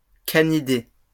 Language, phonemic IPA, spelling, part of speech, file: French, /ka.ni.de/, canidés, noun, LL-Q150 (fra)-canidés.wav
- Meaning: 1. Canidae 2. plural of canidé